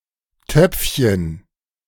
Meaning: 1. diminutive of Topf 2. potty
- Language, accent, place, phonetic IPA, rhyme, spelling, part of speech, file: German, Germany, Berlin, [ˈtœp͡fçən], -œp͡fçən, Töpfchen, noun, De-Töpfchen.ogg